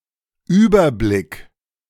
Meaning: 1. overview; bird's-eye view; big picture (view of the entirety, both literally and figuratively) 2. overview (brief summary)
- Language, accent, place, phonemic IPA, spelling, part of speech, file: German, Germany, Berlin, /ˈyːbɐˌblɪk/, Überblick, noun, De-Überblick.ogg